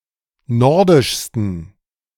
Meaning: 1. superlative degree of nordisch 2. inflection of nordisch: strong genitive masculine/neuter singular superlative degree
- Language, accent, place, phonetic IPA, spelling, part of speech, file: German, Germany, Berlin, [ˈnɔʁdɪʃstn̩], nordischsten, adjective, De-nordischsten.ogg